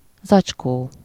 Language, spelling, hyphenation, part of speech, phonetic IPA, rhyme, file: Hungarian, zacskó, zacs‧kó, noun, [ˈzɒt͡ʃkoː], -koː, Hu-zacskó.ogg
- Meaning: 1. bag (a flexible container made of cloth, paper, plastic, etc.) 2. sac (a bag or pouch inside a plant or animal that typically contains a fluid)